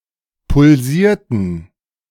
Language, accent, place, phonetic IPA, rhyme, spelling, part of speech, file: German, Germany, Berlin, [pʊlˈziːɐ̯tn̩], -iːɐ̯tn̩, pulsierten, verb, De-pulsierten.ogg
- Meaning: inflection of pulsieren: 1. first/third-person plural preterite 2. first/third-person plural subjunctive II